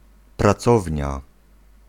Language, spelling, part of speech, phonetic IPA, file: Polish, pracownia, noun, [praˈt͡sɔvʲɲa], Pl-pracownia.ogg